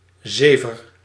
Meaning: 1. saliva 2. hogwash, tosh
- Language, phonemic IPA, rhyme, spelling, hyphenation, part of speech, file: Dutch, /ˈzeːvər/, -eːvər, zever, ze‧ver, noun, Nl-zever.ogg